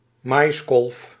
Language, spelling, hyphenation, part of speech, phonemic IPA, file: Dutch, maiskolf, mais‧kolf, noun, /ˈmɑjskɔlf/, Nl-maiskolf.ogg
- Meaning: corncob (ear of a maize/corn)